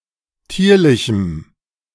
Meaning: strong dative masculine/neuter singular of tierlich
- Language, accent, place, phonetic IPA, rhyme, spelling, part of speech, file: German, Germany, Berlin, [ˈtiːɐ̯lɪçm̩], -iːɐ̯lɪçm̩, tierlichem, adjective, De-tierlichem.ogg